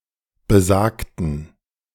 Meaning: inflection of besagt: 1. strong genitive masculine/neuter singular 2. weak/mixed genitive/dative all-gender singular 3. strong/weak/mixed accusative masculine singular 4. strong dative plural
- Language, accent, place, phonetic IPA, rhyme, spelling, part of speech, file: German, Germany, Berlin, [bəˈzaːktn̩], -aːktn̩, besagten, adjective / verb, De-besagten.ogg